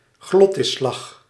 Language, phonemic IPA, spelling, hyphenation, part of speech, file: Dutch, /ˈɣlɔtɪˌslɑx/, glottisslag, glot‧tis‧slag, noun, Nl-glottisslag.ogg
- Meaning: a glottal stop, plosive sound formed in and articulated with the glottis